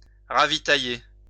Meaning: 1. to resupply (army, etc.) 2. to refuel 3. to revictual 4. to stock up, take on fresh supplies
- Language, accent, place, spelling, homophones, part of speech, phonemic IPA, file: French, France, Lyon, ravitailler, ravitaillai / ravitaillé / ravitaillée / ravitaillées / ravitaillés / ravitaillez, verb, /ʁa.vi.ta.je/, LL-Q150 (fra)-ravitailler.wav